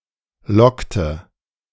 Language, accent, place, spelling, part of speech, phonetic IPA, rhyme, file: German, Germany, Berlin, lockte, verb, [ˈlɔktə], -ɔktə, De-lockte2.ogg
- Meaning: inflection of locken: 1. first/third-person singular preterite 2. first/third-person singular subjunctive II